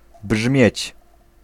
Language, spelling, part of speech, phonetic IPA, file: Polish, brzmieć, verb, [bʒmʲjɛ̇t͡ɕ], Pl-brzmieć.ogg